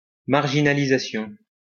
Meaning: marginalization
- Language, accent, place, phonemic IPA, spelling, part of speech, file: French, France, Lyon, /maʁ.ʒi.na.li.za.sjɔ̃/, marginalisation, noun, LL-Q150 (fra)-marginalisation.wav